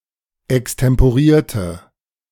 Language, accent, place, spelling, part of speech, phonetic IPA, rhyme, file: German, Germany, Berlin, extemporierte, adjective / verb, [ɛkstɛmpoˈʁiːɐ̯tə], -iːɐ̯tə, De-extemporierte.ogg
- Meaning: inflection of extemporieren: 1. first/third-person singular preterite 2. first/third-person singular subjunctive II